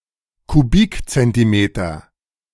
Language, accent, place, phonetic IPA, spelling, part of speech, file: German, Germany, Berlin, [kuˈbiːkt͡sɛntiˌmeːtɐ], Kubikzentimeter, noun, De-Kubikzentimeter.ogg
- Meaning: cubic centimeter